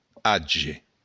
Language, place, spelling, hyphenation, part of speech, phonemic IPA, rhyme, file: Occitan, Béarn, atge, a‧tge, noun, /ˈa.d͡ʒe/, -adʒe, LL-Q14185 (oci)-atge.wav
- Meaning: 1. age (the whole duration of a being) 2. age, era (a particular period of time in history)